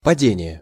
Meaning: 1. fall, collapse, drop, sinking 2. fall, downfall, overthrow 3. dip 4. incidence
- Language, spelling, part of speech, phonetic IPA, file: Russian, падение, noun, [pɐˈdʲenʲɪje], Ru-падение.ogg